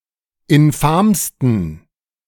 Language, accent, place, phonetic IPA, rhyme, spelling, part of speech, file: German, Germany, Berlin, [ɪnˈfaːmstn̩], -aːmstn̩, infamsten, adjective, De-infamsten.ogg
- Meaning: 1. superlative degree of infam 2. inflection of infam: strong genitive masculine/neuter singular superlative degree